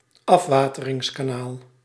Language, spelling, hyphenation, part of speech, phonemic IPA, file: Dutch, afwateringskanaal, af‧wa‧te‧rings‧ka‧naal, noun, /ˈɑf.ʋaː.tə.rɪŋs.kaːˌnaːl/, Nl-afwateringskanaal.ogg
- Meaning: drainage channel, drainage canal